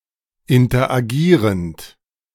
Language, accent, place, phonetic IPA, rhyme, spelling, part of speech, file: German, Germany, Berlin, [ɪntɐʔaˈɡiːʁənt], -iːʁənt, interagierend, verb, De-interagierend.ogg
- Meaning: present participle of interagieren